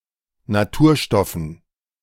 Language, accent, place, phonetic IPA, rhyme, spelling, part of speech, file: German, Germany, Berlin, [naˈtuːɐ̯ˌʃtɔfn̩], -uːɐ̯ʃtɔfn̩, Naturstoffen, noun, De-Naturstoffen.ogg
- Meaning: dative plural of Naturstoff